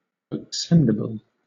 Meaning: Capable of being inflamed or kindled; combustible; inflammable
- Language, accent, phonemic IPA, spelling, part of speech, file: English, Southern England, /əkˈsɛndɪbəl/, accendible, adjective, LL-Q1860 (eng)-accendible.wav